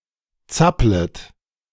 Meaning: second-person plural subjunctive I of zappeln
- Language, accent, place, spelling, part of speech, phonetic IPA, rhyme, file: German, Germany, Berlin, zapplet, verb, [ˈt͡saplət], -aplət, De-zapplet.ogg